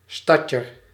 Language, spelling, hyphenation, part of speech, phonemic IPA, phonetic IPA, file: Dutch, stadjer, stad‧jer, noun, /ˈstɑdjər/, [ˈstɑcər], Nl-stadjer.ogg
- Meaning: an inhabitant of the city of Groningen, the Netherlands